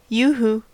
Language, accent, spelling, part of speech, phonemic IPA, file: English, General American, yoohoo, interjection / verb, /ˈjuːˌhuː/, En-us-yoohoo.ogg
- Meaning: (interjection) Used to get attention; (verb) To give a cry of "yoohoo"